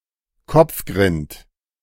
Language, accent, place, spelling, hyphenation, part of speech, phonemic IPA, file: German, Germany, Berlin, Kopfgrind, Kopf‧grind, noun, /ˈkɔp͡fɡʁɪnt/, De-Kopfgrind.ogg
- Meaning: scalp ringworm